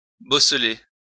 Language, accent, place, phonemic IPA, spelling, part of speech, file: French, France, Lyon, /bɔ.sle/, bosseler, verb, LL-Q150 (fra)-bosseler.wav
- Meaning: to emboss